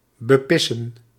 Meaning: 1. to piss on, to bepiss 2. to piss one's pants laughing
- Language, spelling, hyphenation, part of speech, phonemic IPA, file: Dutch, bepissen, be‧pis‧sen, verb, /bəˈpɪ.sə(n)/, Nl-bepissen.ogg